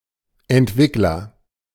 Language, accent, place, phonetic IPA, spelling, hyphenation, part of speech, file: German, Germany, Berlin, [ˈʔɛntˌvɪkləʀ], Entwickler, Ent‧wick‧ler, noun, De-Entwickler.ogg
- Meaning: developer